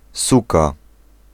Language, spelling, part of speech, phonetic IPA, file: Polish, suka, noun, [ˈsuka], Pl-suka.ogg